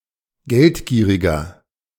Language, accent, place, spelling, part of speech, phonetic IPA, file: German, Germany, Berlin, geldgieriger, adjective, [ˈɡɛltˌɡiːʁɪɡɐ], De-geldgieriger.ogg
- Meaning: 1. comparative degree of geldgierig 2. inflection of geldgierig: strong/mixed nominative masculine singular 3. inflection of geldgierig: strong genitive/dative feminine singular